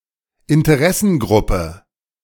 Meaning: interest group, advocacy group
- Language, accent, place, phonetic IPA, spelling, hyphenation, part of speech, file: German, Germany, Berlin, [ɪntəˈʁɛsn̩ˌɡʁʊpə], Interessengruppe, In‧te‧res‧sen‧grup‧pe, noun, De-Interessengruppe.ogg